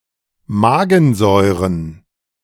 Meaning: plural of Magensäure
- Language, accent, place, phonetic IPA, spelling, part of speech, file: German, Germany, Berlin, [ˈmaːɡənˌzɔɪ̯ʁən], Magensäuren, noun, De-Magensäuren.ogg